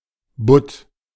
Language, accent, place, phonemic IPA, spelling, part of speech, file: German, Germany, Berlin, /bʊt/, Butt, noun, De-Butt.ogg
- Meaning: 1. European flounder (Platichthys flesus) 2. lefteye flounder (fish of the family Bothidae) 3. turbot (fish of the family Scophthalmidae)